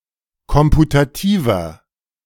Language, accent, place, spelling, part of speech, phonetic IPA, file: German, Germany, Berlin, komputativer, adjective, [ˈkɔmputatiːvɐ], De-komputativer.ogg
- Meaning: inflection of komputativ: 1. strong/mixed nominative masculine singular 2. strong genitive/dative feminine singular 3. strong genitive plural